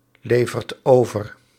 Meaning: inflection of overleveren: 1. second/third-person singular present indicative 2. plural imperative
- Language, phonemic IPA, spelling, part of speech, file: Dutch, /ˈlevərt ˈovər/, levert over, verb, Nl-levert over.ogg